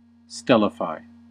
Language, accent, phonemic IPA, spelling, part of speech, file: English, US, /ˈstɛl.ɪ.faɪ/, stellify, verb, En-us-stellify.ogg
- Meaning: 1. To transform from an earthly body into a celestial body; to place in the sky as such 2. To turn into a star